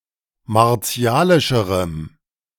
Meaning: strong dative masculine/neuter singular comparative degree of martialisch
- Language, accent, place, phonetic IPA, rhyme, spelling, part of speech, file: German, Germany, Berlin, [maʁˈt͡si̯aːlɪʃəʁəm], -aːlɪʃəʁəm, martialischerem, adjective, De-martialischerem.ogg